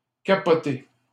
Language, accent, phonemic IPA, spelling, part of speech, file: French, Canada, /ka.pɔ.te/, capoter, verb, LL-Q150 (fra)-capoter.wav
- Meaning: 1. to overturn (of a boat, car etc.) 2. to derail 3. to fail 4. to flounder 5. to freak out, to lose it